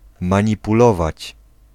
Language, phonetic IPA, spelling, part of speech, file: Polish, [ˌmãɲipuˈlɔvat͡ɕ], manipulować, verb, Pl-manipulować.ogg